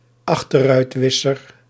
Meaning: windscreen wiper for the rear window of a car
- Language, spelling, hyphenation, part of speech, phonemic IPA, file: Dutch, achterruitenwisser, ach‧ter‧rui‧ten‧wis‧ser, noun, /ˈɑx.tə(r)ˌrœy̯.tə(n).ʋɪ.sər/, Nl-achterruitenwisser.ogg